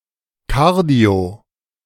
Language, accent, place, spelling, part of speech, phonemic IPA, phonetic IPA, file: German, Germany, Berlin, kardio-, prefix, /ˈkaʁ.di̯o/, [ˈkʰäʁ.di̯o], De-kardio-.ogg
- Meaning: cardio-